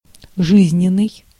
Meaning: 1. vital (relating to or characteristic of life), life 2. true to life, lifelike 3. credible, authentic
- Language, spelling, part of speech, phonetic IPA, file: Russian, жизненный, adjective, [ˈʐɨzʲnʲɪn(ː)ɨj], Ru-жизненный.ogg